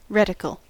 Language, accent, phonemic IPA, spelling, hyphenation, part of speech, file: English, US, /ˈɹɛtɪkəl/, reticle, re‧ti‧cle, noun, En-us-reticle.ogg